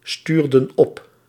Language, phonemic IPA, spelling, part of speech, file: Dutch, /ˈstyrdə(n) ˈɔp/, stuurden op, verb, Nl-stuurden op.ogg
- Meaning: inflection of opsturen: 1. plural past indicative 2. plural past subjunctive